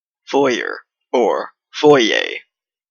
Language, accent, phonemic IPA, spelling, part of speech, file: English, Canada, /ˈfɔɪ.eɪ/, foyer, noun, En-ca-foyer.oga
- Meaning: A lobby, corridor, anteroom, or waiting room.: 1. Such a space used in a hotel, theater, etc 2. Such a space in a residence (house or apartment)